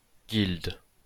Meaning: guild
- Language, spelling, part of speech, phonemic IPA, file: French, guilde, noun, /ɡild/, LL-Q150 (fra)-guilde.wav